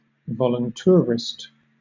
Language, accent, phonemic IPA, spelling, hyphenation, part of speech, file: English, Southern England, /vɒlənˈtʊəɹɪst/, voluntourist, vo‧lun‧tour‧ist, noun, LL-Q1860 (eng)-voluntourist.wav
- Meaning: A tourist who takes part in voluntourism